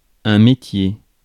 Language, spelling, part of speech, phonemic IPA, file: French, métier, noun, /me.tje/, Fr-métier.ogg
- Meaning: 1. job, profession, trade 2. skill, craft 3. machine, device, loom